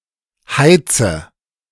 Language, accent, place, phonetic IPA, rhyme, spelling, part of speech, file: German, Germany, Berlin, [ˈhaɪ̯t͡sə], -aɪ̯t͡sə, heize, verb, De-heize.ogg
- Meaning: inflection of heizen: 1. first-person singular present 2. first/third-person singular subjunctive I 3. singular imperative